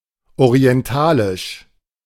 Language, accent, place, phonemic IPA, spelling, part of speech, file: German, Germany, Berlin, /oʁi̯ɛnˈtaːlɪʃ/, orientalisch, adjective, De-orientalisch.ogg
- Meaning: 1. oriental, Eastern 2. Middle Eastern